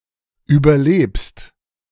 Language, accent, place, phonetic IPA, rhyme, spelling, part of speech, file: German, Germany, Berlin, [ˌyːbɐˈleːpst], -eːpst, überlebst, verb, De-überlebst.ogg
- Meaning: second-person singular present of überleben